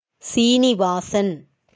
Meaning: 1. an epithet of Vishnu 2. a male given name from Sanskrit
- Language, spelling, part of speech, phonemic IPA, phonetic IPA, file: Tamil, சீனிவாசன், proper noun, /tʃiːnɪʋɑːtʃɐn/, [siːnɪʋäːsɐn], Ta-சீனிவாசன்.ogg